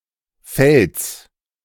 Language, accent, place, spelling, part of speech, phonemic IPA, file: German, Germany, Berlin, Felds, noun, /fɛlts/, De-Felds.ogg
- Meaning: genitive singular of Feld